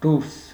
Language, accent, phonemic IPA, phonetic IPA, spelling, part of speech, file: Armenian, Eastern Armenian, /duɾs/, [duɾs], դուրս, postposition / adverb / noun, Hy-դուրս.ogg
- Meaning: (postposition) 1. outside 2. beyond 3. besides 4. over, above; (adverb) out (forms compound verbs as an adverb); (noun) 1. outside, outdoors 2. the outer part